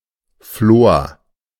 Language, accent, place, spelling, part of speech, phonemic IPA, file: German, Germany, Berlin, Flor, noun, /ˈfloːɐ̯/, De-Flor.ogg
- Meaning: 1. nap, pile (kind of textile) 2. veil 3. bloom, flowering 4. prosperity, success